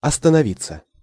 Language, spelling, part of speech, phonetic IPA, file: Russian, остановиться, verb, [ɐstənɐˈvʲit͡sːə], Ru-остановиться.ogg
- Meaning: 1. to stop 2. to put up (at) 3. to dwell (on) 4. passive of останови́ть (ostanovítʹ)